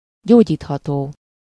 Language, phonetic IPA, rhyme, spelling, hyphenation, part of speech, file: Hungarian, [ˈɟoːɟiːthɒtoː], -toː, gyógyítható, gyó‧gyít‧ha‧tó, adjective, Hu-gyógyítható.ogg
- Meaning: curable (capable of being cured)